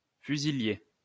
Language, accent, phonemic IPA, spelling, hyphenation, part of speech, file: French, France, /fy.zi.lje/, fusilier, fu‧si‧lier, noun, LL-Q150 (fra)-fusilier.wav
- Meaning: rifleman